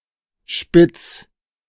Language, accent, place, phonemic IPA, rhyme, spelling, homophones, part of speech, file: German, Germany, Berlin, /ʃpɪt͡s/, -ɪt͡s, Spitz, spitz, noun / proper noun, De-Spitz.ogg
- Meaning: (noun) spitz; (proper noun) a municipality of Lower Austria, Austria